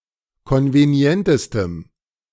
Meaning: strong dative masculine/neuter singular superlative degree of konvenient
- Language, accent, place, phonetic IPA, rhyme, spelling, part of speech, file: German, Germany, Berlin, [ˌkɔnveˈni̯ɛntəstəm], -ɛntəstəm, konvenientestem, adjective, De-konvenientestem.ogg